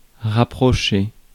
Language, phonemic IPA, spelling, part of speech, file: French, /ʁa.pʁɔ.ʃe/, rapprocher, verb, Fr-rapprocher.ogg
- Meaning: 1. to reapproach, to approach again 2. to come closer to (physically, as in distance) 3. to bring (something or someone) closer to (physically, as in distance) 4. to bring closer (to unite)